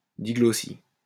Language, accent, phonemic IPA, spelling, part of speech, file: French, France, /di.ɡlɔ.si/, diglossie, noun, LL-Q150 (fra)-diglossie.wav
- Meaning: diglossia